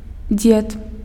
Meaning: grandfather
- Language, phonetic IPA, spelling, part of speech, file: Belarusian, [d͡zʲet], дзед, noun, Be-дзед.ogg